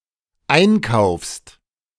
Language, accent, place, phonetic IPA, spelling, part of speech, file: German, Germany, Berlin, [ˈaɪ̯nˌkaʊ̯fst], einkaufst, verb, De-einkaufst.ogg
- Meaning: second-person singular dependent present of einkaufen